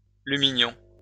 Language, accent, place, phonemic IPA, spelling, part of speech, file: French, France, Lyon, /ly.mi.ɲɔ̃/, lumignon, noun, LL-Q150 (fra)-lumignon.wav
- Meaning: 1. small light 2. candle end